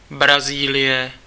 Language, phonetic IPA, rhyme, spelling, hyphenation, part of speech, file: Czech, [ˈbraziːlɪjɛ], -ɪjɛ, Brazílie, Bra‧zí‧lie, proper noun, Cs-Brazílie.ogg
- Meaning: Brazil (a large Portuguese-speaking country in South America)